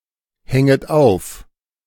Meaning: second-person plural subjunctive I of aufhängen
- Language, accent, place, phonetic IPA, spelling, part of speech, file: German, Germany, Berlin, [ˌhɛŋət ˈaʊ̯f], hänget auf, verb, De-hänget auf.ogg